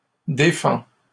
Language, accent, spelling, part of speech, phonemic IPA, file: French, Canada, défends, verb, /de.fɑ̃/, LL-Q150 (fra)-défends.wav
- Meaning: inflection of défendre: 1. first/second-person singular present indicative 2. second-person singular imperative